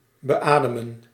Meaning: 1. to breathe on, to breathe into 2. to apply mechanical (artificial) ventilation to
- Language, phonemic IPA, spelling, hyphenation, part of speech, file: Dutch, /bəˈaː.də.mə(n)/, beademen, be‧ade‧men, verb, Nl-beademen.ogg